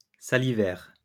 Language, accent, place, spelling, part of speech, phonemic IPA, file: French, France, Lyon, salivaire, adjective, /sa.li.vɛʁ/, LL-Q150 (fra)-salivaire.wav
- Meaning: salivary